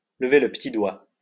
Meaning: to lift a finger
- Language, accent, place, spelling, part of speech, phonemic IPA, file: French, France, Lyon, lever le petit doigt, verb, /lə.ve lə p(ə).ti dwa/, LL-Q150 (fra)-lever le petit doigt.wav